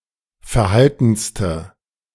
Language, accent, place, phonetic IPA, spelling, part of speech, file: German, Germany, Berlin, [fɛɐ̯ˈhaltn̩stə], verhaltenste, adjective, De-verhaltenste.ogg
- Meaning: inflection of verhalten: 1. strong/mixed nominative/accusative feminine singular superlative degree 2. strong nominative/accusative plural superlative degree